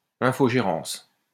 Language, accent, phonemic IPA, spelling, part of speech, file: French, France, /ɛ̃.fo.ʒe.ʁɑ̃s/, infogérance, noun, LL-Q150 (fra)-infogérance.wav
- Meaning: 1. facilities management 2. outsourcing